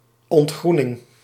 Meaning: 1. the relative decline of younger age cohorts in a society due to low birth numbers and/or emigration of young people 2. hazing
- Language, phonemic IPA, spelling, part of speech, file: Dutch, /ɔntˈxrunɪŋ/, ontgroening, noun, Nl-ontgroening.ogg